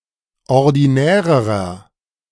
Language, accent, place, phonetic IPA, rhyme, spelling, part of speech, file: German, Germany, Berlin, [ɔʁdiˈnɛːʁəʁɐ], -ɛːʁəʁɐ, ordinärerer, adjective, De-ordinärerer.ogg
- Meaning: inflection of ordinär: 1. strong/mixed nominative masculine singular comparative degree 2. strong genitive/dative feminine singular comparative degree 3. strong genitive plural comparative degree